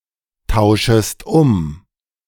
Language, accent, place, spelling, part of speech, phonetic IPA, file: German, Germany, Berlin, tauschest um, verb, [ˌtaʊ̯ʃəst ˈʊm], De-tauschest um.ogg
- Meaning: second-person singular subjunctive I of umtauschen